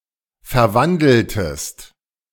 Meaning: inflection of verwandeln: 1. second-person singular preterite 2. second-person singular subjunctive II
- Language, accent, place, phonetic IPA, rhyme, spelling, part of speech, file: German, Germany, Berlin, [fɛɐ̯ˈvandl̩təst], -andl̩təst, verwandeltest, verb, De-verwandeltest.ogg